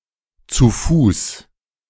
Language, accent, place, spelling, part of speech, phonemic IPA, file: German, Germany, Berlin, zu Fuß, adverb, /tsu ˈfuːs/, De-zu Fuß.ogg
- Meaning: 1. on foot, afoot (walking or running) 2. able to walk (some distance), mobile